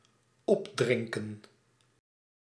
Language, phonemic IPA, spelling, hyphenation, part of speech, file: Dutch, /ˈɔpˌdrɪŋ.kə(n)/, opdrinken, op‧drin‧ken, verb, Nl-opdrinken.ogg
- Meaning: to drink up, to finish one's drink